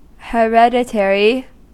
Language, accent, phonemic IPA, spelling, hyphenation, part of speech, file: English, US, /həˈɹɛdɪˌtɛɹi/, hereditary, he‧red‧i‧ta‧ry, adjective / noun, En-us-hereditary.ogg
- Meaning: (adjective) 1. Passed on as an inheritance, by last will or intestate 2. Of a title, honor or right: legally granted to somebody's descendant after that person's death